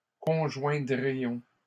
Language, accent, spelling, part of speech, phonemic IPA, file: French, Canada, conjoindrions, verb, /kɔ̃.ʒwɛ̃.dʁi.jɔ̃/, LL-Q150 (fra)-conjoindrions.wav
- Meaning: first-person plural conditional of conjoindre